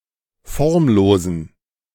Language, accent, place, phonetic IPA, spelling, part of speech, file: German, Germany, Berlin, [ˈfɔʁmˌloːzn̩], formlosen, adjective, De-formlosen.ogg
- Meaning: inflection of formlos: 1. strong genitive masculine/neuter singular 2. weak/mixed genitive/dative all-gender singular 3. strong/weak/mixed accusative masculine singular 4. strong dative plural